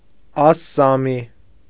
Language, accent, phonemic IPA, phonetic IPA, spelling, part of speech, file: Armenian, Eastern Armenian, /ɑssɑˈmi/, [ɑsːɑmí], ասսամի, noun, Hy-ասսամի.ogg
- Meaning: Assamese (language)